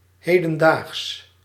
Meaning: current, contemporary, modern
- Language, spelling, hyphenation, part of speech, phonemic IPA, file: Dutch, hedendaags, he‧den‧daags, adjective, /ˈɦeː.də(n)ˌdaːxs/, Nl-hedendaags.ogg